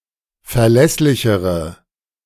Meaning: inflection of verlässlich: 1. strong/mixed nominative/accusative feminine singular comparative degree 2. strong nominative/accusative plural comparative degree
- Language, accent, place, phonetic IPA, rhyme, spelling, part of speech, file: German, Germany, Berlin, [fɛɐ̯ˈlɛslɪçəʁə], -ɛslɪçəʁə, verlässlichere, adjective, De-verlässlichere.ogg